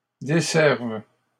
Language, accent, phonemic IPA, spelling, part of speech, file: French, Canada, /de.sɛʁv/, desserves, verb, LL-Q150 (fra)-desserves.wav
- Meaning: second-person singular present subjunctive of desservir